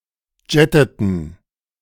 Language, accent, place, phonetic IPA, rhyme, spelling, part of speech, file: German, Germany, Berlin, [ˈd͡ʒɛtətn̩], -ɛtətn̩, jetteten, verb, De-jetteten.ogg
- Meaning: inflection of jetten: 1. first/third-person plural preterite 2. first/third-person plural subjunctive II